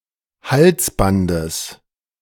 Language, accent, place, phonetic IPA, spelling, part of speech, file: German, Germany, Berlin, [ˈhalsˌbandəs], Halsbandes, noun, De-Halsbandes.ogg
- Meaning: genitive of Halsband